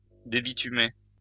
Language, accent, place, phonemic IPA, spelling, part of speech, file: French, France, Lyon, /de.bi.ty.me/, débitumer, verb, LL-Q150 (fra)-débitumer.wav
- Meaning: to debituminize